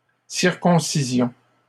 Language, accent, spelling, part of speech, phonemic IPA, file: French, Canada, circoncisions, noun / verb, /siʁ.kɔ̃.si.zjɔ̃/, LL-Q150 (fra)-circoncisions.wav
- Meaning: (noun) plural of circoncision; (verb) inflection of circoncire: 1. first-person plural imperfect indicative 2. first-person plural present subjunctive